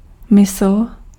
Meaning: 1. mind 2. mind, opinion
- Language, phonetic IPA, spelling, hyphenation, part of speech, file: Czech, [ˈmɪsl̩], mysl, mysl, noun, Cs-mysl.ogg